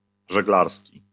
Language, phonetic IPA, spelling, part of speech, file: Polish, [ʒɛɡˈlarsʲci], żeglarski, adjective, LL-Q809 (pol)-żeglarski.wav